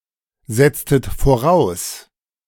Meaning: inflection of voraussetzen: 1. second-person plural preterite 2. second-person plural subjunctive II
- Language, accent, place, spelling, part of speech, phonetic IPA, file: German, Germany, Berlin, setztet voraus, verb, [ˌzɛt͡stət foˈʁaʊ̯s], De-setztet voraus.ogg